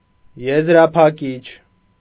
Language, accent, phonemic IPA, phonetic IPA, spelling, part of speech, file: Armenian, Eastern Armenian, /jezɾɑpʰɑˈkit͡ʃʰ/, [jezɾɑpʰɑkít͡ʃʰ], եզրափակիչ, adjective / noun, Hy-եզրափակիչ.ogg
- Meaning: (adjective) final, closing; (noun) final, final round